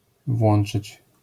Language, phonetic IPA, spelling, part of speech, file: Polish, [ˈvwɔ̃n͇t͡ʃɨt͡ɕ], włączyć, verb, LL-Q809 (pol)-włączyć.wav